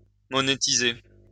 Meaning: to monetize
- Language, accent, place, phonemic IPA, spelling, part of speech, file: French, France, Lyon, /mɔ.ne.ti.ze/, monétiser, verb, LL-Q150 (fra)-monétiser.wav